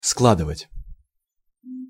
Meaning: 1. to lay together, to put together, to pile up, to heap, to stack 2. to pack up 3. to add, to sum up 4. to make, to assemble, to put together 5. to compose, to make up 6. to fold
- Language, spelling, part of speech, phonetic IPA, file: Russian, складывать, verb, [ˈskɫadɨvətʲ], Ru-складывать.ogg